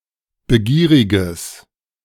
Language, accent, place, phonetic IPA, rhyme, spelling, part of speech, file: German, Germany, Berlin, [bəˈɡiːʁɪɡəs], -iːʁɪɡəs, begieriges, adjective, De-begieriges.ogg
- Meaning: strong/mixed nominative/accusative neuter singular of begierig